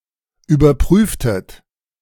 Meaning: inflection of überprüfen: 1. second-person plural preterite 2. second-person plural subjunctive II
- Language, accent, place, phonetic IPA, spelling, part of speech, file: German, Germany, Berlin, [yːbɐˈpʁyːftət], überprüftet, verb, De-überprüftet.ogg